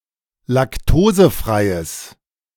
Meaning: strong/mixed nominative/accusative neuter singular of laktosefrei
- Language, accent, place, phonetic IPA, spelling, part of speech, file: German, Germany, Berlin, [lakˈtoːzəˌfʁaɪ̯əs], laktosefreies, adjective, De-laktosefreies.ogg